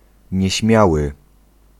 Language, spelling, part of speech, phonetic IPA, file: Polish, nieśmiały, adjective, [ɲɛ̇ˈɕmʲjawɨ], Pl-nieśmiały.ogg